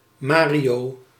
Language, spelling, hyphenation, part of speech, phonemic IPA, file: Dutch, Mario, Ma‧rio, proper noun, /ˈmaː.ri.oː/, Nl-Mario.ogg
- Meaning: a male given name from Latin, Mario